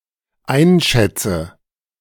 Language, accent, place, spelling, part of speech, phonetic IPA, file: German, Germany, Berlin, einschätze, verb, [ˈaɪ̯nˌʃɛt͡sə], De-einschätze.ogg
- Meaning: inflection of einschätzen: 1. first-person singular dependent present 2. first/third-person singular dependent subjunctive I